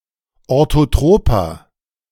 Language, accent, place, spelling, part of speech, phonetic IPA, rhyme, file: German, Germany, Berlin, orthotroper, adjective, [ˌoʁtoˈtʁoːpɐ], -oːpɐ, De-orthotroper.ogg
- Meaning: inflection of orthotrop: 1. strong/mixed nominative masculine singular 2. strong genitive/dative feminine singular 3. strong genitive plural